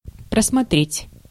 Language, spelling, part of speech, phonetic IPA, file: Russian, просмотреть, verb, [prəsmɐˈtrʲetʲ], Ru-просмотреть.ogg
- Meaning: 1. to look over, to look through, to glance over, to run over 2. to view, to watch 3. to check, to review, to go (over) 4. to view, (directory, web page) to browse 5. to overlook, to miss